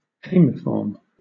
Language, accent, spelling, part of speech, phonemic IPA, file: English, Southern England, hamiform, adjective, /ˈheɪmɪfɔːm/, LL-Q1860 (eng)-hamiform.wav
- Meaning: 1. Curved at the extremity 2. Shaped like a hook